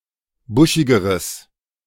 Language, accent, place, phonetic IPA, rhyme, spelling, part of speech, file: German, Germany, Berlin, [ˈbʊʃɪɡəʁəs], -ʊʃɪɡəʁəs, buschigeres, adjective, De-buschigeres.ogg
- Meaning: strong/mixed nominative/accusative neuter singular comparative degree of buschig